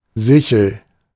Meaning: 1. sickle 2. crescent (shape of the moon and some planets when partially illuminated less than half a full circle)
- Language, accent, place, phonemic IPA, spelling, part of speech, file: German, Germany, Berlin, /ˈzɪçl̩/, Sichel, noun, De-Sichel.ogg